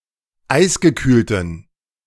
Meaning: inflection of eisgekühlt: 1. strong genitive masculine/neuter singular 2. weak/mixed genitive/dative all-gender singular 3. strong/weak/mixed accusative masculine singular 4. strong dative plural
- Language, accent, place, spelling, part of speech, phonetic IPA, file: German, Germany, Berlin, eisgekühlten, adjective, [ˈaɪ̯sɡəˌkyːltn̩], De-eisgekühlten.ogg